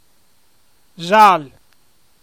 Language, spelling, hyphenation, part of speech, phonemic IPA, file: Emilian, śal, śal, adjective / noun, /ˈzal/, Eml-śal.oga
- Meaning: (adjective) 1. yellow 2. involving crimes and detective work; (noun) 1. the colour yellow 2. amber, yellow (traffic signals) 3. mystery, police case